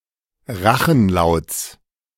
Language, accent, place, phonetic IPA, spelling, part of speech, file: German, Germany, Berlin, [ˈʁaxn̩ˌlaʊ̯t͡s], Rachenlauts, noun, De-Rachenlauts.ogg
- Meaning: genitive singular of Rachenlaut